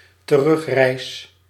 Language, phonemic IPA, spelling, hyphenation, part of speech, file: Dutch, /təˈrʏxˌrɛi̯s/, terugreis, te‧rug‧reis, noun, Nl-terugreis.ogg
- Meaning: a return journey, journey back, return voyage